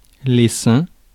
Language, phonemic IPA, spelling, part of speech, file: French, /sɛ̃/, seins, noun, Fr-seins.ogg
- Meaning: plural of sein